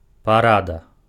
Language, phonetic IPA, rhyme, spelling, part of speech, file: Belarusian, [paˈrada], -ada, парада, noun, Be-парада.ogg
- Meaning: advice